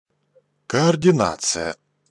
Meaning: coordination, dispatching, managing
- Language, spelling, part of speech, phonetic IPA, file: Russian, координация, noun, [kɐɐrdʲɪˈnat͡sɨjə], Ru-координация.ogg